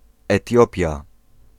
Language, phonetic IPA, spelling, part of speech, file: Polish, [ɛˈtʲjɔpʲja], Etiopia, proper noun, Pl-Etiopia.ogg